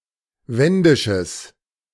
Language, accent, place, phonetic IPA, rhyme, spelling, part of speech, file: German, Germany, Berlin, [ˈvɛndɪʃəs], -ɛndɪʃəs, wendisches, adjective, De-wendisches.ogg
- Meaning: strong/mixed nominative/accusative neuter singular of wendisch